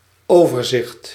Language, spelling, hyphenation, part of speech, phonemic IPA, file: Dutch, overzicht, over‧zicht, noun, /ˈoːvərˌzɪxt/, Nl-overzicht.ogg
- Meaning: 1. synopsis, outline 2. survey, overview of the entire situation